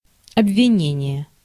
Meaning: accusation, charge (act of accusing or charging with a crime)
- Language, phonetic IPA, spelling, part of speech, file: Russian, [ɐbvʲɪˈnʲenʲɪje], обвинение, noun, Ru-обвинение.ogg